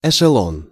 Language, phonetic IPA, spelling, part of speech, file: Russian, [ɪʂɨˈɫon], эшелон, noun, Ru-эшелон.ogg
- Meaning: 1. echelon 2. special train, troop train 3. flight level